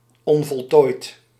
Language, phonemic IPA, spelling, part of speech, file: Dutch, /ɔnvɔltoːit/, onvoltooid, adjective, Nl-onvoltooid.ogg
- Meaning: 1. unfinished 2. imperfect